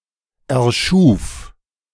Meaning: first/third-person singular preterite of erschaffen
- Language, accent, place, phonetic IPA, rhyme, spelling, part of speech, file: German, Germany, Berlin, [ɛɐ̯ˈʃuːf], -uːf, erschuf, verb, De-erschuf.ogg